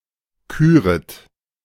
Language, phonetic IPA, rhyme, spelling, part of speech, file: German, [ˈkyːʁət], -yːʁət, küret, verb, De-küret.oga
- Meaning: second-person plural subjunctive I of küren